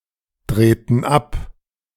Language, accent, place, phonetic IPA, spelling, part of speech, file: German, Germany, Berlin, [ˌdʁeːtn̩ ˈap], drehten ab, verb, De-drehten ab.ogg
- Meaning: inflection of abdrehen: 1. first/third-person plural preterite 2. first/third-person plural subjunctive II